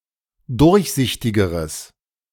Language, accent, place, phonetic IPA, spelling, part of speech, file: German, Germany, Berlin, [ˈdʊʁçˌzɪçtɪɡəʁəs], durchsichtigeres, adjective, De-durchsichtigeres.ogg
- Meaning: strong/mixed nominative/accusative neuter singular comparative degree of durchsichtig